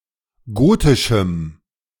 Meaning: strong dative masculine/neuter singular of gotisch
- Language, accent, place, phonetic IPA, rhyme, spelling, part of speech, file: German, Germany, Berlin, [ˈɡoːtɪʃm̩], -oːtɪʃm̩, gotischem, adjective, De-gotischem.ogg